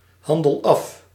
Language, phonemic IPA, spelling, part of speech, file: Dutch, /ˈhɑndəl ɑf/, handel af, verb, Nl-handel af.ogg
- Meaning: inflection of afhandelen: 1. first-person singular present indicative 2. second-person singular present indicative 3. imperative